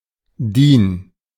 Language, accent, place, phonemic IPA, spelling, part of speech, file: German, Germany, Berlin, /ˈdiˑn/, DIN, proper noun, De-DIN.ogg
- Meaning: acronym of Deutsches Institut für Normung (“German Institute for Standardization”)